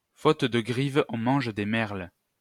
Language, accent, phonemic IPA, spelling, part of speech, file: French, France, /fot də ɡʁiv | ɔ̃ mɑ̃ʒ de mɛʁl/, faute de grives on mange des merles, proverb, LL-Q150 (fra)-faute de grives on mange des merles.wav
- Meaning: beggars can't be choosers, half a loaf is better than none, any port in a storm